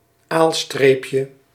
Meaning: diminutive of aalstreep
- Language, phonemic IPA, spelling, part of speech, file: Dutch, /ˈalstrepjə/, aalstreepje, noun, Nl-aalstreepje.ogg